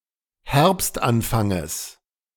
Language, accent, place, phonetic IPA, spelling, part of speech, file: German, Germany, Berlin, [ˈhɛʁpstʔanˌfaŋəs], Herbstanfanges, noun, De-Herbstanfanges.ogg
- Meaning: genitive singular of Herbstanfang